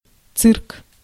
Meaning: 1. circus 2. cirque (curved depression in a mountainside)
- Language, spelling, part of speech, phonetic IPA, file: Russian, цирк, noun, [t͡sɨrk], Ru-цирк.ogg